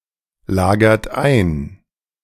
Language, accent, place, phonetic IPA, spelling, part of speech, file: German, Germany, Berlin, [ˌlaːɡɐt ˈaɪ̯n], lagert ein, verb, De-lagert ein.ogg
- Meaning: inflection of einlagern: 1. second-person plural present 2. third-person singular present 3. plural imperative